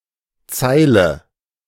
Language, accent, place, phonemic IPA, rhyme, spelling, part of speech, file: German, Germany, Berlin, /ˈt͡saɪ̯lə/, -aɪ̯lə, Zeile, noun, De-Zeile.ogg
- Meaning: line, row: 1. in a text or table 2. of certain other things, especially houses or building elements like windows, sometimes also stalls, parked cars, trees, etc